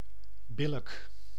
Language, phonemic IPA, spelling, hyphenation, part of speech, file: Dutch, /ˈbɪlək/, billijk, bil‧lijk, adjective / verb, Nl-billijk.ogg
- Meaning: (adjective) fair, reasonable; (verb) inflection of billijken: 1. first-person singular present indicative 2. second-person singular present indicative 3. imperative